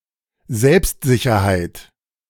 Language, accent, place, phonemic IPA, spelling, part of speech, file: German, Germany, Berlin, /ˈzɛlpstzɪçɐhaɪ̯t/, Selbstsicherheit, noun, De-Selbstsicherheit.ogg
- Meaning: self-assurance